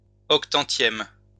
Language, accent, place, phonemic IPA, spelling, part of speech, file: French, France, Lyon, /ɔk.tɑ̃.tjɛm/, octantième, adjective / noun, LL-Q150 (fra)-octantième.wav
- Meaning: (adjective) eightieth